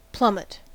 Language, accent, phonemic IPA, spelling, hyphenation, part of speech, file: English, General American, /ˈplʌmət/, plummet, plum‧met, noun / verb, En-us-plummet.ogg
- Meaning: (noun) 1. A piece of lead attached to a line, used in sounding the depth of water; a plumb bob or a plumb line 2. Hence, any weight